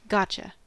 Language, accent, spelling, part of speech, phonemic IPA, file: English, US, gotcha, contraction / interjection / noun, /ˈɡɑ.tʃə/, En-us-gotcha.ogg
- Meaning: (contraction) Pronunciation spelling of got you; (interjection) 1. I understand you or what you said 2. I got you by surprise (indicating a successful trick or prank)